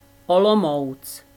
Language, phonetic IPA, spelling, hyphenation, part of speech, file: Czech, [ˈolomou̯t͡s], Olomouc, Olo‧mouc, proper noun, Cs Olomouc.ogg
- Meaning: 1. Olomouc (a city in Moravia, Czech Republic) 2. district Olomouc, Olomouc District